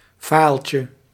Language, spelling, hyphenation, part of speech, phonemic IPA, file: Dutch, filetje, file‧tje, noun, /ˈfɑi̯(ə)ltjə/, Nl-filetje2.ogg
- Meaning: diminutive of file (“computing”)